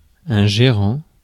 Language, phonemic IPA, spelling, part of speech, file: French, /ʒe.ʁɑ̃/, gérant, noun / verb, Fr-gérant.ogg
- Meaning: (noun) manager; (verb) present participle of gérer